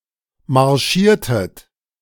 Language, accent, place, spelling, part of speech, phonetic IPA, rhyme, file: German, Germany, Berlin, marschiertet, verb, [maʁˈʃiːɐ̯tət], -iːɐ̯tət, De-marschiertet.ogg
- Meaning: inflection of marschieren: 1. second-person plural preterite 2. second-person plural subjunctive II